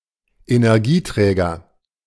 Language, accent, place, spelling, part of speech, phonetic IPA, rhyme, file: German, Germany, Berlin, Energieträger, noun, [enɛʁˈɡiːˌtʁɛːɡɐ], -iːtʁɛːɡɐ, De-Energieträger.ogg
- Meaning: energy carrier